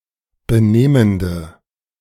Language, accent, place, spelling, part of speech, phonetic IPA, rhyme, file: German, Germany, Berlin, benehmende, adjective, [bəˈneːməndə], -eːməndə, De-benehmende.ogg
- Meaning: inflection of benehmend: 1. strong/mixed nominative/accusative feminine singular 2. strong nominative/accusative plural 3. weak nominative all-gender singular